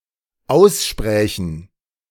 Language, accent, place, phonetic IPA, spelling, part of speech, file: German, Germany, Berlin, [ˈaʊ̯sˌʃpʁɛːçn̩], aussprächen, verb, De-aussprächen.ogg
- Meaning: first/third-person plural dependent subjunctive II of aussprechen